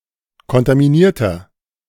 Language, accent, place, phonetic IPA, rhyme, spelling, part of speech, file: German, Germany, Berlin, [kɔntamiˈniːɐ̯tɐ], -iːɐ̯tɐ, kontaminierter, adjective, De-kontaminierter.ogg
- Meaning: inflection of kontaminiert: 1. strong/mixed nominative masculine singular 2. strong genitive/dative feminine singular 3. strong genitive plural